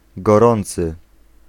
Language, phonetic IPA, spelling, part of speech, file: Polish, [ɡɔˈrɔ̃nt͡sɨ], gorący, adjective, Pl-gorący.ogg